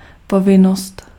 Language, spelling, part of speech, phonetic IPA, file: Czech, povinnost, noun, [ˈpovɪnost], Cs-povinnost.ogg
- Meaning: duty (moral or legal obligation)